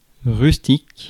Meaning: rustic
- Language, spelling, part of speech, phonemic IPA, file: French, rustique, adjective, /ʁys.tik/, Fr-rustique.ogg